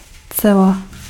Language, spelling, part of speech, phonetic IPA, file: Czech, cela, noun, [ˈt͡sɛla], Cs-cela.ogg
- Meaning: cell (room in a prison for containing inmates)